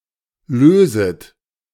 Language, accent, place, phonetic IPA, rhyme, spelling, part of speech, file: German, Germany, Berlin, [ˈløːzət], -øːzət, löset, verb, De-löset.ogg
- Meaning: second-person plural subjunctive I of lösen